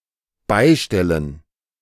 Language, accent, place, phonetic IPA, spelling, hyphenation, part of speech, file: German, Germany, Berlin, [ˈbaɪ̯ˌʃtɛlən], beistellen, bei‧stel‧len, verb, De-beistellen.ogg
- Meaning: to make available, to provide